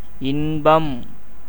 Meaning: pleasure, happiness, joy
- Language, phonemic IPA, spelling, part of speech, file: Tamil, /ɪnbɐm/, இன்பம், noun, Ta-இன்பம்.ogg